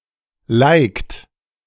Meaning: inflection of liken: 1. second-person plural present 2. third-person singular present 3. plural imperative
- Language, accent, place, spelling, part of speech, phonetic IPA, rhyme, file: German, Germany, Berlin, likt, verb, [laɪ̯kt], -aɪ̯kt, De-likt.ogg